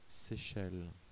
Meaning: Seychelles (an archipelago and country in East Africa, in the Indian Ocean)
- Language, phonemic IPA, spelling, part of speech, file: French, /se.ʃɛl/, Seychelles, proper noun, Fr-Seychelles.ogg